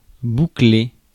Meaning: 1. to buckle (to fasten) 2. to curl (make curly) 3. to tie up, to finish up (e.g. an affair or case) 4. to shut 5. to curl up (become curly)
- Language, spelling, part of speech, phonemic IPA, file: French, boucler, verb, /bu.kle/, Fr-boucler.ogg